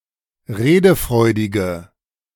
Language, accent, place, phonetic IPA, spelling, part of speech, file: German, Germany, Berlin, [ˈʁeːdəˌfʁɔɪ̯dɪɡə], redefreudige, adjective, De-redefreudige.ogg
- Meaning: inflection of redefreudig: 1. strong/mixed nominative/accusative feminine singular 2. strong nominative/accusative plural 3. weak nominative all-gender singular